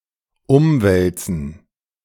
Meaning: 1. to turn over 2. to revolutionize, to change 3. to circulate (e.g., fluids and gases)
- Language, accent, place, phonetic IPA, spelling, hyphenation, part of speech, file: German, Germany, Berlin, [ˈʊmˌvɛlt͡sn̩], umwälzen, um‧wäl‧zen, verb, De-umwälzen.ogg